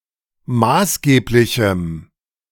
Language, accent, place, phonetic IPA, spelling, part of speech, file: German, Germany, Berlin, [ˈmaːsˌɡeːplɪçm̩], maßgeblichem, adjective, De-maßgeblichem.ogg
- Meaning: strong dative masculine/neuter singular of maßgeblich